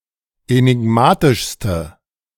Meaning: inflection of enigmatisch: 1. strong/mixed nominative/accusative feminine singular superlative degree 2. strong nominative/accusative plural superlative degree
- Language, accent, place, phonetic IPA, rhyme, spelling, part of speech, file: German, Germany, Berlin, [enɪˈɡmaːtɪʃstə], -aːtɪʃstə, enigmatischste, adjective, De-enigmatischste.ogg